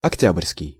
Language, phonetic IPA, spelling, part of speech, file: Russian, [ɐkˈtʲab(ə)rʲskʲɪj], октябрьский, adjective, Ru-октябрьский.ogg
- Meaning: October